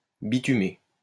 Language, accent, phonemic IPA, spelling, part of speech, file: French, France, /bi.ty.me/, bitumer, verb, LL-Q150 (fra)-bitumer.wav
- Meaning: to asphalt